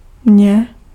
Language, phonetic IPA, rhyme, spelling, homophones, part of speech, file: Czech, [ˈmɲɛ], -ɲɛ, mě, mně, pronoun, Cs-mě.ogg
- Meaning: 1. me (possessive, genitive case) 2. me (direct object of a verb, accusative case)